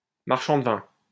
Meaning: 1. Used other than figuratively or idiomatically: see marchand, de, vin; wine merchant 2. marchand de vin sauce
- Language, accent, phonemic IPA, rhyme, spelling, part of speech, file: French, France, /maʁ.ʃɑ̃ d(ə) vɛ̃/, -ɛ̃, marchand de vin, noun, LL-Q150 (fra)-marchand de vin.wav